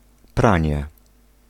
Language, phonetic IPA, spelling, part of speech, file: Polish, [ˈprãɲɛ], pranie, noun, Pl-pranie.ogg